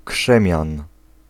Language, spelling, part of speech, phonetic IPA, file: Polish, krzemian, noun, [ˈkʃɛ̃mʲjãn], Pl-krzemian.ogg